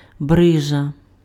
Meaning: 1. ripple 2. fold, wrinkle 3. mesentery
- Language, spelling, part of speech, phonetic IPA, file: Ukrainian, брижа, noun, [ˈbrɪʒɐ], Uk-брижа.ogg